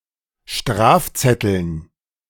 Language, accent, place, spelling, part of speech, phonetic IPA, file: German, Germany, Berlin, Strafzetteln, noun, [ˈʃtʁaːfˌt͡sɛtl̩n], De-Strafzetteln.ogg
- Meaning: dative plural of Strafzettel